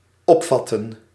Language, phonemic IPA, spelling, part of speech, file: Dutch, /ˈɔpˌfɑtə(n)/, opvatten, verb, Nl-opvatten.ogg
- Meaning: 1. to interpret 2. to take (with hands)